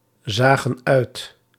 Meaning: inflection of uitzien: 1. plural past indicative 2. plural past subjunctive
- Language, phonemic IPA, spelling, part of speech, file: Dutch, /ˈzaɣə(n) ˈœyt/, zagen uit, verb, Nl-zagen uit.ogg